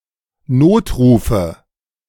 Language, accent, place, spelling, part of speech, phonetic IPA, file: German, Germany, Berlin, Notrufe, noun, [ˈnoːtˌʁuːfə], De-Notrufe.ogg
- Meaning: nominative/accusative/genitive plural of Notruf